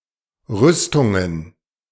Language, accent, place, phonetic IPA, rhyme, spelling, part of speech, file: German, Germany, Berlin, [ˈʁʏstʊŋən], -ʏstʊŋən, Rüstungen, noun, De-Rüstungen.ogg
- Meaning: plural of Rüstung